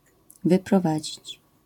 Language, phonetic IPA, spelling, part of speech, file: Polish, [ˌvɨprɔˈvad͡ʑit͡ɕ], wyprowadzić, verb, LL-Q809 (pol)-wyprowadzić.wav